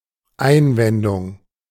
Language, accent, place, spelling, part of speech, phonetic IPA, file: German, Germany, Berlin, Einwendung, noun, [ˈaɪ̯nˌvɛndʊŋ], De-Einwendung.ogg
- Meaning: objection (statement expressing opposition)